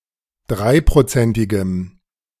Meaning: strong dative masculine/neuter singular of dreiprozentig
- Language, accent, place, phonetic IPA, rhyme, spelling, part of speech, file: German, Germany, Berlin, [ˈdʁaɪ̯pʁoˌt͡sɛntɪɡəm], -aɪ̯pʁot͡sɛntɪɡəm, dreiprozentigem, adjective, De-dreiprozentigem.ogg